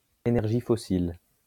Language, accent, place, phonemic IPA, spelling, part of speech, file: French, France, Lyon, /e.nɛʁ.ʒi fɔ.sil/, énergie fossile, noun, LL-Q150 (fra)-énergie fossile.wav
- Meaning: fossil energy; fossil fuel